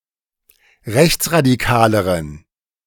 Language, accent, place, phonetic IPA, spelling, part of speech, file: German, Germany, Berlin, [ˈʁɛçt͡sʁadiˌkaːləʁən], rechtsradikaleren, adjective, De-rechtsradikaleren.ogg
- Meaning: inflection of rechtsradikal: 1. strong genitive masculine/neuter singular comparative degree 2. weak/mixed genitive/dative all-gender singular comparative degree